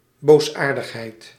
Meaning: malevolence, maliciousness, evil
- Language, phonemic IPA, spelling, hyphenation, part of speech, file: Dutch, /ˌboːsˈaːr.dəx.ɦɛi̯t/, boosaardigheid, boos‧aar‧dig‧heid, noun, Nl-boosaardigheid.ogg